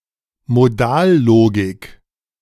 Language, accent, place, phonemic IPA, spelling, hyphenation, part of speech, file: German, Germany, Berlin, /moˈdaːlˌloːɡɪk/, Modallogik, Mo‧dal‧lo‧gik, noun, De-Modallogik.ogg
- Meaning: modal logic